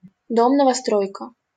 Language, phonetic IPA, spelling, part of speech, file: Russian, [nəvɐˈstrojkə], новостройка, noun, LL-Q7737 (rus)-новостройка.wav
- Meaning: 1. new building 2. new construction site 3. newly constructed neighborhood